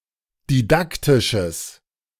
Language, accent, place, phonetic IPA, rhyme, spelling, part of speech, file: German, Germany, Berlin, [diˈdaktɪʃəs], -aktɪʃəs, didaktisches, adjective, De-didaktisches.ogg
- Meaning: strong/mixed nominative/accusative neuter singular of didaktisch